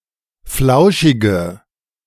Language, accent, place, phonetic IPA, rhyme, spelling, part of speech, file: German, Germany, Berlin, [ˈflaʊ̯ʃɪɡə], -aʊ̯ʃɪɡə, flauschige, adjective, De-flauschige.ogg
- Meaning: inflection of flauschig: 1. strong/mixed nominative/accusative feminine singular 2. strong nominative/accusative plural 3. weak nominative all-gender singular